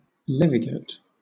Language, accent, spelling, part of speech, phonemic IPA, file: English, Southern England, levigate, adjective, /ˈlɛvɪɡət/, LL-Q1860 (eng)-levigate.wav
- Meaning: Smooth